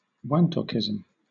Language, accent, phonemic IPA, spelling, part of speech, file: English, Southern England, /ˈwɑntɒkɪzəm/, wantokism, noun, LL-Q1860 (eng)-wantokism.wav
- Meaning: The Melanesian cultural practice of relying on one's wantoks for any need, and of sharing the fruits of one's personal success with one's wantoks